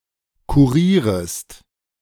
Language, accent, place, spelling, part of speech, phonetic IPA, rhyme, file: German, Germany, Berlin, kurierest, verb, [kuˈʁiːʁəst], -iːʁəst, De-kurierest.ogg
- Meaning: second-person singular subjunctive I of kurieren